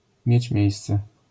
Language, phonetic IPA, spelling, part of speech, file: Polish, [ˈmʲjɛ̇t͡ɕ ˈmʲjɛ̇jst͡sɛ], mieć miejsce, phrase, LL-Q809 (pol)-mieć miejsce.wav